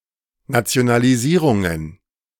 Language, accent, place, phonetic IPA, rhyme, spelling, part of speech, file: German, Germany, Berlin, [ˌnat͡si̯onaliˈziːʁʊŋən], -iːʁʊŋən, Nationalisierungen, noun, De-Nationalisierungen.ogg
- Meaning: plural of Nationalisierung